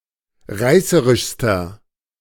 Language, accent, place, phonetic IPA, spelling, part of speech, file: German, Germany, Berlin, [ˈʁaɪ̯səʁɪʃstɐ], reißerischster, adjective, De-reißerischster.ogg
- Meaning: inflection of reißerisch: 1. strong/mixed nominative masculine singular superlative degree 2. strong genitive/dative feminine singular superlative degree 3. strong genitive plural superlative degree